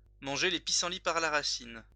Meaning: to push up daisies
- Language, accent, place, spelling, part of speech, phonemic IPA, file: French, France, Lyon, manger les pissenlits par la racine, verb, /mɑ̃.ʒe le pi.sɑ̃.li paʁ la ʁa.sin/, LL-Q150 (fra)-manger les pissenlits par la racine.wav